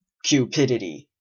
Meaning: Extreme greed, especially for wealth
- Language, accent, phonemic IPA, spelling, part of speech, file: English, UK, /kjuːˈpɪdəti/, cupidity, noun, En-uk-cupidity.ogg